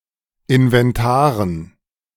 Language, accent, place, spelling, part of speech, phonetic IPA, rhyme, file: German, Germany, Berlin, Inventaren, noun, [ɪnvɛnˈtaːʁən], -aːʁən, De-Inventaren.ogg
- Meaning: dative plural of Inventar